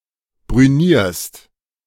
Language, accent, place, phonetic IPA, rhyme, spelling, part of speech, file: German, Germany, Berlin, [bʁyˈniːɐ̯st], -iːɐ̯st, brünierst, verb, De-brünierst.ogg
- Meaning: second-person singular present of brünieren